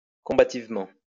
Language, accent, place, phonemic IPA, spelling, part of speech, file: French, France, Lyon, /kɔ̃.ba.tiv.mɑ̃/, combativement, adverb, LL-Q150 (fra)-combativement.wav
- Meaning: combatively, aggressively, assertively